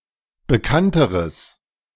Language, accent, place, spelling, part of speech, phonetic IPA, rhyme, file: German, Germany, Berlin, bekannteres, adjective, [bəˈkantəʁəs], -antəʁəs, De-bekannteres.ogg
- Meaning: strong/mixed nominative/accusative neuter singular comparative degree of bekannt